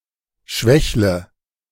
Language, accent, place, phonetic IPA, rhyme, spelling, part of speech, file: German, Germany, Berlin, [ˈʃvɛçlə], -ɛçlə, schwächle, verb, De-schwächle.ogg
- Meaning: inflection of schwächeln: 1. first-person singular present 2. singular imperative 3. first/third-person singular subjunctive I